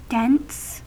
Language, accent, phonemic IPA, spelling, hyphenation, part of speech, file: English, US, /ˈdɪns/, dense, dense, adjective / noun, En-us-dense.ogg
- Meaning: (adjective) 1. Having relatively high density 2. Compact; crowded together 3. Thick; difficult to penetrate 4. Opaque; allowing little light to pass through 5. Obscure or difficult to understand